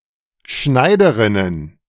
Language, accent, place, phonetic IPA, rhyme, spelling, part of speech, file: German, Germany, Berlin, [ˈʃnaɪ̯dəˌʁɪnən], -aɪ̯dəʁɪnən, Schneiderinnen, noun, De-Schneiderinnen.ogg
- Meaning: plural of Schneiderin